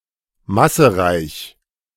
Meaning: massive (of great mass)
- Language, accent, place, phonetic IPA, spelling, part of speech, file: German, Germany, Berlin, [ˈmasəˌʁaɪ̯ç], massereich, adjective, De-massereich.ogg